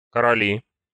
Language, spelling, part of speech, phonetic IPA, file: Russian, короли, noun, [kərɐˈlʲi], Ru-короли.ogg
- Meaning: nominative plural of коро́ль (korólʹ)